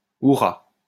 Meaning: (interjection) hurrah
- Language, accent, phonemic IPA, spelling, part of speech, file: French, France, /u.ʁa/, hourra, interjection / noun, LL-Q150 (fra)-hourra.wav